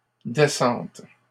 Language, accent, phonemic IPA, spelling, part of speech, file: French, Canada, /de.sɑ̃t/, descentes, noun, LL-Q150 (fra)-descentes.wav
- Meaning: plural of descente